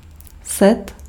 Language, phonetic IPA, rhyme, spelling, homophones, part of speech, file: Czech, [ˈsɛt], -ɛt, set, sed, noun / verb, Cs-set.ogg
- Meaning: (noun) 1. set (part of a match in sports like tennis and volleyball) 2. genitive plural of sto; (verb) masculine singular passive participle of sít